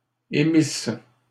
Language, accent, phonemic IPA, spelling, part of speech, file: French, Canada, /e.mis/, émissent, verb, LL-Q150 (fra)-émissent.wav
- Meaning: third-person plural imperfect subjunctive of émettre